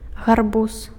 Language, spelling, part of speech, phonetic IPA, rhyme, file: Belarusian, гарбуз, noun, [ɣarˈbus], -us, Be-гарбуз.ogg
- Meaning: pumpkin (plant and fruit)